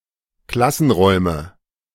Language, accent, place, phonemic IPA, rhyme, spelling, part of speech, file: German, Germany, Berlin, /ˈklasn̩ˌʁɔɪ̯mə/, -ɔɪ̯mə, Klassenräume, noun, De-Klassenräume.ogg
- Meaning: nominative plural of Klassenraum